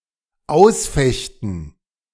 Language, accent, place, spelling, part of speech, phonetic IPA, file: German, Germany, Berlin, ausfechten, verb, [ˈaʊ̯sˌfɛçtn̩], De-ausfechten.ogg
- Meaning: to fight out